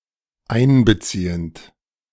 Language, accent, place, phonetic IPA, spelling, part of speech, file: German, Germany, Berlin, [ˈaɪ̯nbəˌt͡siːənt], einbeziehend, verb, De-einbeziehend.ogg
- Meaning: present participle of einbeziehen